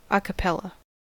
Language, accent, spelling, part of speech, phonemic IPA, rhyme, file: English, US, a cappella, noun / adverb / adjective, /ˌɑ kəˈpɛl.ə/, -ɛlə, En-us-a cappella.ogg
- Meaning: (noun) A vocal performance with no instrumental accompaniment; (adverb) 1. In the manner of a choir with no instrumental accompaniment 2. In alla breve time